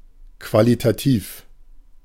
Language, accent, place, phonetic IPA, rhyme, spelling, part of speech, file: German, Germany, Berlin, [ˌkvalitaˈtiːf], -iːf, qualitativ, adjective, De-qualitativ.ogg
- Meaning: qualitative